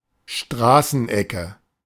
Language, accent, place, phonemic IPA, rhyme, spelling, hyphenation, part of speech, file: German, Germany, Berlin, /ˈʃtraːsənˌɛkə/, -ɛkə, Straßenecke, Stra‧ßen‧ecke, noun, De-Straßenecke.ogg
- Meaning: streetcorner